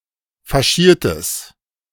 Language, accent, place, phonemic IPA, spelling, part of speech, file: German, Germany, Berlin, /faˈʃiːɐ̯təs/, Faschiertes, noun, De-Faschiertes.ogg
- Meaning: minced meat